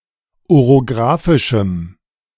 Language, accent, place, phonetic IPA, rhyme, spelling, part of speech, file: German, Germany, Berlin, [oʁoˈɡʁaːfɪʃm̩], -aːfɪʃm̩, orographischem, adjective, De-orographischem.ogg
- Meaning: strong dative masculine/neuter singular of orographisch